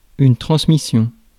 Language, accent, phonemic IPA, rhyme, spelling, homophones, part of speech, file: French, France, /tʁɑ̃s.mi.sjɔ̃/, -ɔ̃, transmission, transmissions, noun, Fr-transmission.ogg
- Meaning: transmission